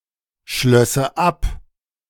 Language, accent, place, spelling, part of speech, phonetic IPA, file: German, Germany, Berlin, schlösse ab, verb, [ˌʃlœsə ˈap], De-schlösse ab.ogg
- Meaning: first/third-person singular subjunctive II of abschließen